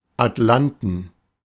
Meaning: plural of Atlas
- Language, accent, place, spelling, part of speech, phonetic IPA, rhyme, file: German, Germany, Berlin, Atlanten, noun, [atˈlantn̩], -antn̩, De-Atlanten.ogg